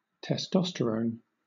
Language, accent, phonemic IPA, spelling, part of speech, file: English, Southern England, /tɛˈstɒ.stə.ɹəʊn/, testosterone, noun, LL-Q1860 (eng)-testosterone.wav
- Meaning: A steroid hormone that stimulates development of male secondary sexual characteristics, produced mainly in the testes, but also in the ovaries and adrenal cortex